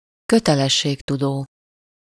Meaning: dutiful (willing to accept duties and fulfil them diligently)
- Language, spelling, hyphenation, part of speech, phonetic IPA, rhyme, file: Hungarian, kötelességtudó, kö‧te‧les‧ség‧tu‧dó, adjective, [ˈkøtɛlɛʃːeːktudoː], -doː, Hu-kötelességtudó.ogg